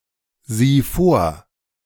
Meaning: singular imperative of vorsehen
- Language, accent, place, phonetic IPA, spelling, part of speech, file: German, Germany, Berlin, [ˌziː ˈfoːɐ̯], sieh vor, verb, De-sieh vor.ogg